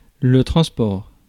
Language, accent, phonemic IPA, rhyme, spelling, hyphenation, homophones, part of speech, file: French, France, /tʁɑ̃s.pɔʁ/, -ɔʁ, transport, trans‧port, transports, noun, Fr-transport.ogg
- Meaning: transport